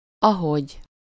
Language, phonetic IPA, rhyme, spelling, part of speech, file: Hungarian, [ˈɒɦoɟ], -oɟ, ahogy, conjunction, Hu-ahogy.ogg
- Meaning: 1. as 2. as soon as